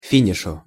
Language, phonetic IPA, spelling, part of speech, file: Russian, [ˈfʲinʲɪʂʊ], финишу, noun, Ru-финишу.ogg
- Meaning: dative singular of фи́ниш (fíniš)